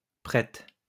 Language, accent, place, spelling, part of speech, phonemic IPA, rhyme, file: French, France, Lyon, prête, adjective / verb, /pʁɛt/, -ɛt, LL-Q150 (fra)-prête.wav
- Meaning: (adjective) feminine singular of prêt; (verb) inflection of prêter: 1. first/third-person singular present indicative/subjunctive 2. second-person singular imperative